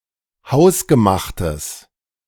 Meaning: strong/mixed nominative/accusative neuter singular of hausgemacht
- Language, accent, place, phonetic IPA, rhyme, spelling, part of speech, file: German, Germany, Berlin, [ˈhaʊ̯sɡəˌmaxtəs], -aʊ̯sɡəmaxtəs, hausgemachtes, adjective, De-hausgemachtes.ogg